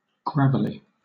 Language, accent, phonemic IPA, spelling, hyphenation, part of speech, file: English, Southern England, /ˈɡɹævəli/, gravelly, grav‧el‧ly, adjective, LL-Q1860 (eng)-gravelly.wav
- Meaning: 1. Full of, covered with, or similar to gravel or pebbles 2. Of a voice: unpleasantly harsh or rasping 3. Caused by or involving gravel (“kidney stones”) 4. Full of or covered with sand; sandy